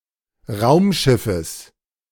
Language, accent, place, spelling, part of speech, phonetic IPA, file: German, Germany, Berlin, Raumschiffes, noun, [ˈʁaʊ̯mˌʃɪfəs], De-Raumschiffes.ogg
- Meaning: genitive singular of Raumschiff